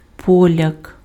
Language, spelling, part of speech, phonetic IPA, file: Ukrainian, поляк, noun, [pɔˈlʲak], Uk-поляк.ogg
- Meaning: Pole (by ethnicity)